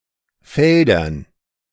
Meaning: dative plural of Feld
- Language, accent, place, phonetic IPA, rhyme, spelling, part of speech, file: German, Germany, Berlin, [ˈfɛldɐn], -ɛldɐn, Feldern, noun, De-Feldern.ogg